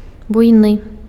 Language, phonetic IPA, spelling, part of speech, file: Belarusian, [ˈbujnɨ], буйны, adjective, Be-буйны.ogg
- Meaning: massive, huge